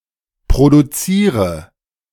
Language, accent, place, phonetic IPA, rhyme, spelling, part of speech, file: German, Germany, Berlin, [pʁoduˈt͡siːʁə], -iːʁə, produziere, verb, De-produziere.ogg
- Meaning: inflection of produzieren: 1. first-person singular present 2. singular imperative 3. first/third-person singular subjunctive I